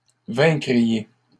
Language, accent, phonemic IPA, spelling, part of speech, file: French, Canada, /vɛ̃.kʁi.je/, vaincriez, verb, LL-Q150 (fra)-vaincriez.wav
- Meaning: second-person plural conditional of vaincre